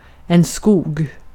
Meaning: 1. forest, wood 2. short for skogsbruk (“forestry”), an orientation of the naturbruksprogrammet (“the natural resource use programme”)
- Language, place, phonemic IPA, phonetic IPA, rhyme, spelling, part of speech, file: Swedish, Gotland, /skuːɡ/, [skuːɡ], -uːɡ, skog, noun, Sv-skog.ogg